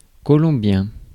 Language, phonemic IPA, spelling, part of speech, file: French, /kɔ.lɔ̃.bjɛ̃/, colombien, adjective, Fr-colombien.ogg
- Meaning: Colombian (of, from or relating to Colombia)